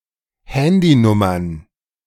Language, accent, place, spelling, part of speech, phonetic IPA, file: German, Germany, Berlin, Handynummern, noun, [ˈhɛndiˌnʊmɐn], De-Handynummern.ogg
- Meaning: plural of Handynummer